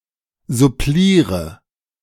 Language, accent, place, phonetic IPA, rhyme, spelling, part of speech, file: German, Germany, Berlin, [zʊˈpliːʁə], -iːʁə, suppliere, verb, De-suppliere.ogg
- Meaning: inflection of supplieren: 1. first-person singular present 2. first/third-person singular subjunctive I 3. second-person singular indicative